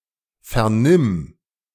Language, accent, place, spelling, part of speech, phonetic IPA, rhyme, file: German, Germany, Berlin, vernimm, verb, [ˌfɛɐ̯ˈnɪm], -ɪm, De-vernimm.ogg
- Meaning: singular imperative of vernehmen